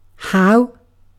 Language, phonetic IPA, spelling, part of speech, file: English, [həu̯], how, adverb / conjunction / interjection / noun, En-uk-how.ogg
- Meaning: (adverb) 1. To what degree or extent 2. In what manner 3. In what manner: By what means 4. In what manner: With overtones of why, for what reason